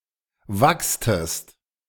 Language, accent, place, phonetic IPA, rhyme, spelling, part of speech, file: German, Germany, Berlin, [ˈvakstəst], -akstəst, wachstest, verb, De-wachstest.ogg
- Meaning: inflection of wachsen: 1. second-person singular preterite 2. second-person singular subjunctive II